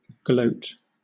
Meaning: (verb) 1. To exhibit a conspicuous (sometimes malevolent) pleasure or sense of self-satisfaction, often at an adversary's misfortune 2. To triumph, crow, relish, glory, revel
- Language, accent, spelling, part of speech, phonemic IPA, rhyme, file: English, Southern England, gloat, verb / noun, /ɡləʊt/, -əʊt, LL-Q1860 (eng)-gloat.wav